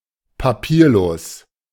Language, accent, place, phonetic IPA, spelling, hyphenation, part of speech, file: German, Germany, Berlin, [paˈpiːɐ̯ˌloːs], papierlos, pa‧pier‧los, adjective, De-papierlos.ogg
- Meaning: paperless (using information without paper)